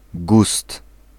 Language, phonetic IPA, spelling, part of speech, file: Polish, [ɡust], gust, noun, Pl-gust.ogg